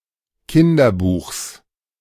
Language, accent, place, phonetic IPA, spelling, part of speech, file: German, Germany, Berlin, [ˈkɪndɐˌbuːxs], Kinderbuchs, noun, De-Kinderbuchs.ogg
- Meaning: genitive singular of Kinderbuch